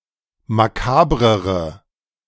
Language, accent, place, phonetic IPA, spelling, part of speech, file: German, Germany, Berlin, [maˈkaːbʁəʁə], makabrere, adjective, De-makabrere.ogg
- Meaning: inflection of makaber: 1. strong/mixed nominative/accusative feminine singular comparative degree 2. strong nominative/accusative plural comparative degree